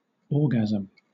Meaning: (noun) A spasm or sudden contraction
- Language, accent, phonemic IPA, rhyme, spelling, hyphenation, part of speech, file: English, Southern England, /ˈɔː.ɡæ.zəm/, -æzəm, orgasm, or‧gasm, noun / verb, LL-Q1860 (eng)-orgasm.wav